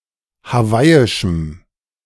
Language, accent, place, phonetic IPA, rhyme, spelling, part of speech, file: German, Germany, Berlin, [haˈvaɪ̯ɪʃm̩], -aɪ̯ɪʃm̩, hawaiischem, adjective, De-hawaiischem.ogg
- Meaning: strong dative masculine/neuter singular of hawaiisch